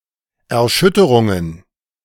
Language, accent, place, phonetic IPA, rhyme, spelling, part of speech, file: German, Germany, Berlin, [ɛɐ̯ˈʃʏtəʁʊŋən], -ʏtəʁʊŋən, Erschütterungen, noun, De-Erschütterungen.ogg
- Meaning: plural of Erschütterung